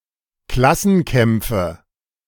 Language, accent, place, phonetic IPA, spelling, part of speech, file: German, Germany, Berlin, [ˈklasn̩ˌkɛmp͡fə], Klassenkämpfe, noun, De-Klassenkämpfe.ogg
- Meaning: nominative/accusative/genitive plural of Klassenkampf